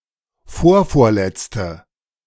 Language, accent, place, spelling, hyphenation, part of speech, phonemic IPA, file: German, Germany, Berlin, vorvorletzte, vor‧vor‧letz‧te, adjective, /ˈfoːrfoːrˌlɛtstə/, De-vorvorletzte.ogg
- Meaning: synonym of drittletzte (“third to last, last but two”)